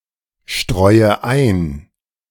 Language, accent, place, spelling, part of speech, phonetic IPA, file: German, Germany, Berlin, streue ein, verb, [ˌʃtʁɔɪ̯ə ˈaɪ̯n], De-streue ein.ogg
- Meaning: inflection of einstreuen: 1. first-person singular present 2. first/third-person singular subjunctive I 3. singular imperative